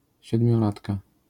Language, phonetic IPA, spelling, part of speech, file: Polish, [ˌɕɛdmʲjɔˈlatka], siedmiolatka, noun, LL-Q809 (pol)-siedmiolatka.wav